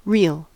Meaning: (adjective) 1. True, genuine, not merely nominal or apparent 2. Genuine, not artificial, counterfeit, or fake 3. Genuine, unfeigned, sincere
- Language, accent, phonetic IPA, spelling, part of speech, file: English, US, [ɹɪɫ], real, adjective / adverb / noun, En-us-real.ogg